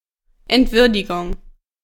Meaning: indignity
- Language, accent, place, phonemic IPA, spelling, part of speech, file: German, Germany, Berlin, /ɛntˈvʏʁdɪɡʊŋ/, Entwürdigung, noun, De-Entwürdigung.ogg